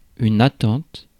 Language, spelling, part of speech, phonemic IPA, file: French, attente, noun, /a.tɑ̃t/, Fr-attente.ogg
- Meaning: 1. wait (the time that one is waiting or the state of waiting) 2. expectation (act or state of expecting) 3. shoulder strap insignia